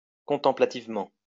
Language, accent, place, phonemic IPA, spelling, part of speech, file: French, France, Lyon, /kɔ̃.tɑ̃.pla.tiv.mɑ̃/, contemplativement, adverb, LL-Q150 (fra)-contemplativement.wav
- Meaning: contemplatively